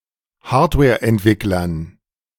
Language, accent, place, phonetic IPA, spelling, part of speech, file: German, Germany, Berlin, [ˈhaːɐ̯tvɛːɐ̯ʔɛntˌvɪklɐn], Hardwareentwicklern, noun, De-Hardwareentwicklern.ogg
- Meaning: dative plural of Hardwareentwickler